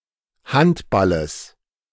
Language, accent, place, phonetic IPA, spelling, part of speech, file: German, Germany, Berlin, [ˈhantˌbaləs], Handballes, noun, De-Handballes.ogg
- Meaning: genitive singular of Handball